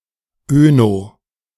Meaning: oeno- (forms terms relating to wine)
- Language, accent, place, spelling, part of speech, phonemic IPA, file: German, Germany, Berlin, öno-, prefix, /ˈø.nɔ/, De-öno-.ogg